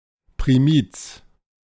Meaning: first mass of a newly ordained priest
- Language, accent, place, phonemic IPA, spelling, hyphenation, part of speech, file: German, Germany, Berlin, /pʁiˈmiːt͡s/, Primiz, Pri‧miz, noun, De-Primiz.ogg